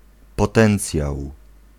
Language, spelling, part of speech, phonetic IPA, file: Polish, potencjał, noun, [pɔˈtɛ̃nt͡sʲjaw], Pl-potencjał.ogg